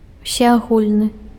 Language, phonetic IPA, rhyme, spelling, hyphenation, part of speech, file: Belarusian, [usʲeaˈɣulʲnɨ], -ulʲnɨ, усеагульны, усе‧агуль‧ны, adjective, Be-усеагульны.ogg
- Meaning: universal (relating to everyone, covering everyone, extending to everyone)